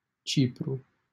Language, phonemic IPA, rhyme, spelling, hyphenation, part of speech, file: Romanian, /ˈt͡ʃi.pru/, -ipru, Cipru, Ci‧pru, proper noun, LL-Q7913 (ron)-Cipru.wav
- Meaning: Cyprus (an island and country in the Mediterranean Sea, normally considered politically part of Europe but geographically part of West Asia)